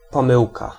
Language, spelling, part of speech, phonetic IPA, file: Polish, pomyłka, noun, [pɔ̃ˈmɨwka], Pl-pomyłka.ogg